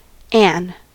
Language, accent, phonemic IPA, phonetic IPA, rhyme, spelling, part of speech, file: English, US, /æn/, [eən], -æn, Anne, proper noun, En-us-Anne.ogg
- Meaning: A female given name from French